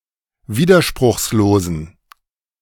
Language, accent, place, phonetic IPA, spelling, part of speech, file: German, Germany, Berlin, [ˈviːdɐʃpʁʊxsloːzn̩], widerspruchslosen, adjective, De-widerspruchslosen.ogg
- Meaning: inflection of widerspruchslos: 1. strong genitive masculine/neuter singular 2. weak/mixed genitive/dative all-gender singular 3. strong/weak/mixed accusative masculine singular 4. strong dative plural